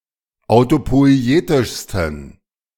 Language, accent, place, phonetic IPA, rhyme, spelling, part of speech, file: German, Germany, Berlin, [aʊ̯topɔɪ̯ˈeːtɪʃstn̩], -eːtɪʃstn̩, autopoietischsten, adjective, De-autopoietischsten.ogg
- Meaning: 1. superlative degree of autopoietisch 2. inflection of autopoietisch: strong genitive masculine/neuter singular superlative degree